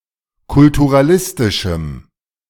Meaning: strong dative masculine/neuter singular of kulturalistisch
- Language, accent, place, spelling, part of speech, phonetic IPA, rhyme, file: German, Germany, Berlin, kulturalistischem, adjective, [kʊltuʁaˈlɪstɪʃm̩], -ɪstɪʃm̩, De-kulturalistischem.ogg